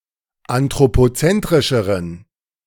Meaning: inflection of anthropozentrisch: 1. strong genitive masculine/neuter singular comparative degree 2. weak/mixed genitive/dative all-gender singular comparative degree
- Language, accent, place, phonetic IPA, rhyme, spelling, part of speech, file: German, Germany, Berlin, [antʁopoˈt͡sɛntʁɪʃəʁən], -ɛntʁɪʃəʁən, anthropozentrischeren, adjective, De-anthropozentrischeren.ogg